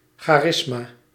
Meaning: 1. charisma (gift of the Holy Spirit) 2. charisma (personal affability)
- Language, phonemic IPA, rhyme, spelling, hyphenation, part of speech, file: Dutch, /ˌxaːˈrɪs.maː/, -ɪsmaː, charisma, cha‧ris‧ma, noun, Nl-charisma.ogg